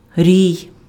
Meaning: 1. colony of bees 2. swarm (of insects) 3. group, mass, crowd (large number of people or things) 4. squad
- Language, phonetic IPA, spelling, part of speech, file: Ukrainian, [rʲii̯], рій, noun, Uk-рій.ogg